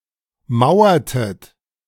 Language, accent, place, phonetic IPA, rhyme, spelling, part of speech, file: German, Germany, Berlin, [ˈmaʊ̯ɐtət], -aʊ̯ɐtət, mauertet, verb, De-mauertet.ogg
- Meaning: inflection of mauern: 1. second-person plural preterite 2. second-person plural subjunctive II